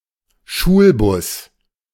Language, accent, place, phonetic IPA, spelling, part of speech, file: German, Germany, Berlin, [ˈʃuːlˌbʊs], Schulbus, noun, De-Schulbus.ogg
- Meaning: school bus